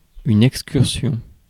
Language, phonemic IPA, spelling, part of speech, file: French, /ɛk.skyʁ.sjɔ̃/, excursion, noun, Fr-excursion.ogg
- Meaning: 1. excursion 2. wander (talk off topic)